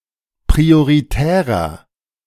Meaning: inflection of prioritär: 1. strong/mixed nominative masculine singular 2. strong genitive/dative feminine singular 3. strong genitive plural
- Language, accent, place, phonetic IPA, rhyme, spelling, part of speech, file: German, Germany, Berlin, [pʁioʁiˈtɛːʁɐ], -ɛːʁɐ, prioritärer, adjective, De-prioritärer.ogg